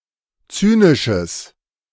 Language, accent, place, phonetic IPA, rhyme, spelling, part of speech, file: German, Germany, Berlin, [ˈt͡syːnɪʃəs], -yːnɪʃəs, zynisches, adjective, De-zynisches.ogg
- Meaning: strong/mixed nominative/accusative neuter singular of zynisch